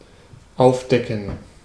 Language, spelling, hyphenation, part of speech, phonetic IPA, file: German, aufdecken, auf‧de‧cken, verb, [ˈaʊ̯fˌdɛkn̩], De-aufdecken.ogg
- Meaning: 1. to uncover, to remove the cover 2. to expose, uncover, unearth 3. to reveal